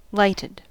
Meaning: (verb) simple past and past participle of light; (adjective) Filled with light; illuminated
- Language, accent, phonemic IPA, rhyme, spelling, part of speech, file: English, US, /ˈlaɪtəd/, -aɪtəd, lighted, verb / adjective, En-us-lighted.ogg